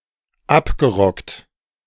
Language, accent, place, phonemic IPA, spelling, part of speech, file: German, Germany, Berlin, /ˈapɡəˌʁɔkt/, abgerockt, verb / adjective, De-abgerockt.ogg
- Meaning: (verb) past participle of abrocken; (adjective) worn out, run-down